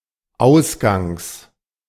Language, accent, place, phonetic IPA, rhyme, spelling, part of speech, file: German, Germany, Berlin, [ˈaʊ̯sɡaŋs], -aʊ̯sɡaŋs, Ausgangs, noun, De-Ausgangs.ogg
- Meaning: genitive singular of Ausgang